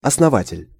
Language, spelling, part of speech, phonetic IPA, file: Russian, основатель, noun, [ɐsnɐˈvatʲɪlʲ], Ru-основатель.ogg
- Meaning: founder